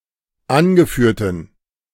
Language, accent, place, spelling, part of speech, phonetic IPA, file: German, Germany, Berlin, angeführten, adjective, [ˈanɡəˌfyːɐ̯tn̩], De-angeführten.ogg
- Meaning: inflection of angeführt: 1. strong genitive masculine/neuter singular 2. weak/mixed genitive/dative all-gender singular 3. strong/weak/mixed accusative masculine singular 4. strong dative plural